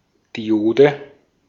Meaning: diode
- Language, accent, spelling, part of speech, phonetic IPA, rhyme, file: German, Austria, Diode, noun, [diˈʔoːdə], -oːdə, De-at-Diode.ogg